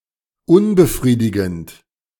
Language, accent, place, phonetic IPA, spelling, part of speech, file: German, Germany, Berlin, [ˈʊnbəˌfʁiːdɪɡn̩t], unbefriedigend, adjective, De-unbefriedigend.ogg
- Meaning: unsatisfying